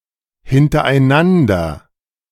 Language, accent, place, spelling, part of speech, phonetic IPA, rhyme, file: German, Germany, Berlin, hintereinander, adverb, [hɪntɐʔaɪ̯ˈnandɐ], -andɐ, De-hintereinander.ogg
- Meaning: 1. consecutively 2. in tandem, in succession, one after another